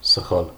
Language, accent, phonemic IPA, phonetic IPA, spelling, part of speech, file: Armenian, Eastern Armenian, /səˈχɑl/, [səχɑ́l], սխալ, noun / adjective, Hy-սխալ.ogg
- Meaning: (noun) 1. mistake, error 2. fault; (adjective) wrong, incorrect